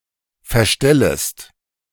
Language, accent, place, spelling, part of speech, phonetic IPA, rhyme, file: German, Germany, Berlin, verstellest, verb, [fɛɐ̯ˈʃtɛləst], -ɛləst, De-verstellest.ogg
- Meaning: second-person singular subjunctive I of verstellen